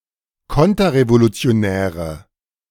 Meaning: inflection of konterrevolutionär: 1. strong/mixed nominative/accusative feminine singular 2. strong nominative/accusative plural 3. weak nominative all-gender singular
- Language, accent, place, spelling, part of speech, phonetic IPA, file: German, Germany, Berlin, konterrevolutionäre, adjective, [ˈkɔntɐʁevolut͡si̯oˌnɛːʁə], De-konterrevolutionäre.ogg